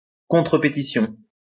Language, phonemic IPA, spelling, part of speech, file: French, /pe.ti.sjɔ̃/, pétition, noun, LL-Q150 (fra)-pétition.wav
- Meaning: petition (a written request containing many signatures)